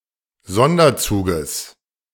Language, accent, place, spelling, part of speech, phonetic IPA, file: German, Germany, Berlin, Sonderzuges, noun, [ˈzɔndɐˌt͡suːɡəs], De-Sonderzuges.ogg
- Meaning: genitive singular of Sonderzug